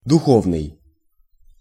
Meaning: 1. spiritual 2. ecclesiastical
- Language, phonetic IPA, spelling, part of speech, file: Russian, [dʊˈxovnɨj], духовный, adjective, Ru-духовный.ogg